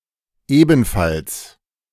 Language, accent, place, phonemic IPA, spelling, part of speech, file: German, Germany, Berlin, /ˈeːbn̩fals/, ebenfalls, adverb, De-ebenfalls.ogg
- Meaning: also, likewise, as well